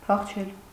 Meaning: to run away, to escape, to flee
- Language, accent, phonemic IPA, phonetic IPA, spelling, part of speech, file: Armenian, Eastern Armenian, /pʰɑχˈt͡ʃʰel/, [pʰɑχt͡ʃʰél], փախչել, verb, Hy-փախչել.ogg